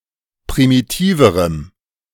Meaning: strong dative masculine/neuter singular comparative degree of primitiv
- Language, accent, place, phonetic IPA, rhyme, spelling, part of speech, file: German, Germany, Berlin, [pʁimiˈtiːvəʁəm], -iːvəʁəm, primitiverem, adjective, De-primitiverem.ogg